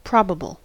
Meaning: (adjective) 1. Likely or most likely to be true 2. Likely to happen 3. Supporting, or giving ground for, belief, but not demonstrating 4. Capable of being proved; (noun) Something that is likely
- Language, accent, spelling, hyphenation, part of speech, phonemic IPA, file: English, US, probable, prob‧a‧ble, adjective / noun, /ˈpɹɑbəbl̩/, En-us-probable.ogg